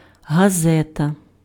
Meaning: newspaper
- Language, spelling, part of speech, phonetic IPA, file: Ukrainian, газета, noun, [ɦɐˈzɛtɐ], Uk-газета.ogg